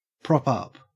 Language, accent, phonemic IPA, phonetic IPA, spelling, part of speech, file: English, Australia, /ˌpɹɔp ˈap/, [ˌpɹɔ‿ˈpap], prop up, verb, En-au-prop up.ogg
- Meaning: 1. To support with, or as if with, a prop 2. To be at the bottom of (a league)